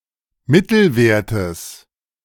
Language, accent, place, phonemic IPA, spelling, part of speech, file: German, Germany, Berlin, /ˈmɪtl̩vɛʁtəs/, Mittelwertes, noun, De-Mittelwertes.ogg
- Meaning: genitive of Mittelwert